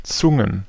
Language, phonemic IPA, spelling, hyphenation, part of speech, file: German, /ˈtsʊŋən/, Zungen, Zun‧gen, noun, De-Zungen.ogg
- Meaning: plural of Zunge